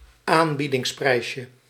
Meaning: diminutive of aanbiedingsprijs
- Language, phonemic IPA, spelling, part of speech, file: Dutch, /ˈambidɪŋsˌprɛiʃəs/, aanbiedingsprijsje, noun, Nl-aanbiedingsprijsje.ogg